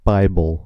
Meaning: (proper noun) Alternative letter-case form of Bible (“a specific version, edition, translation, or copy of the Christian religious text”)
- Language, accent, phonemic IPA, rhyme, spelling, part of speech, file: English, US, /ˈbaɪbəl/, -aɪbəl, bible, proper noun / noun, En-us-bible.ogg